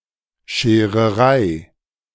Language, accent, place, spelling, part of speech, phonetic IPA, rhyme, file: German, Germany, Berlin, Schererei, noun, [ʃeːʁəˈʁaɪ̯], -aɪ̯, De-Schererei.ogg
- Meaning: hassle, trouble